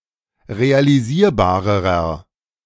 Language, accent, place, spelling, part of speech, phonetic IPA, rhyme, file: German, Germany, Berlin, realisierbarerer, adjective, [ʁealiˈziːɐ̯baːʁəʁɐ], -iːɐ̯baːʁəʁɐ, De-realisierbarerer.ogg
- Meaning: inflection of realisierbar: 1. strong/mixed nominative masculine singular comparative degree 2. strong genitive/dative feminine singular comparative degree 3. strong genitive plural comparative degree